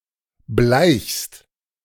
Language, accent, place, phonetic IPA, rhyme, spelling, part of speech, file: German, Germany, Berlin, [blaɪ̯çst], -aɪ̯çst, bleichst, verb, De-bleichst.ogg
- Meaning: second-person singular present of bleichen